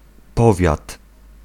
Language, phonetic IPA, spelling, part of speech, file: Polish, [ˈpɔvʲjat], powiat, noun, Pl-powiat.ogg